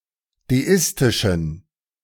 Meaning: inflection of deistisch: 1. strong genitive masculine/neuter singular 2. weak/mixed genitive/dative all-gender singular 3. strong/weak/mixed accusative masculine singular 4. strong dative plural
- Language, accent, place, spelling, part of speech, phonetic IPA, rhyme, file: German, Germany, Berlin, deistischen, adjective, [deˈɪstɪʃn̩], -ɪstɪʃn̩, De-deistischen.ogg